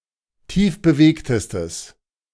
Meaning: strong/mixed nominative/accusative neuter singular superlative degree of tiefbewegt
- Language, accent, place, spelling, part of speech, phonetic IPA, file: German, Germany, Berlin, tiefbewegtestes, adjective, [ˈtiːfbəˌveːktəstəs], De-tiefbewegtestes.ogg